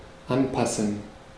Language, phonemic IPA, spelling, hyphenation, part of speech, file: German, /ˈanˌpasən/, anpassen, an‧pas‧sen, verb, De-anpassen.ogg
- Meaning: 1. to adapt, to adjust 2. to adapt to, to adjust to